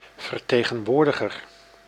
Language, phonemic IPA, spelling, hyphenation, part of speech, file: Dutch, /vərˌteː.ɣə(n)ˈʋoːr.də.ɣər/, vertegenwoordiger, ver‧te‧gen‧woor‧di‧ger, noun, Nl-vertegenwoordiger.ogg
- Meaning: representative